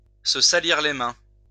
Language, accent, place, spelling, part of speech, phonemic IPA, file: French, France, Lyon, se salir les mains, verb, /sə sa.liʁ le mɛ̃/, LL-Q150 (fra)-se salir les mains.wav
- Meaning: to get one's hands dirty (to be personally involved in nefarious acts rather than using an intermediary)